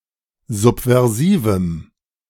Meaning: strong dative masculine/neuter singular of subversiv
- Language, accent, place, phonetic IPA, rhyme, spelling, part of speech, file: German, Germany, Berlin, [ˌzupvɛʁˈziːvm̩], -iːvm̩, subversivem, adjective, De-subversivem.ogg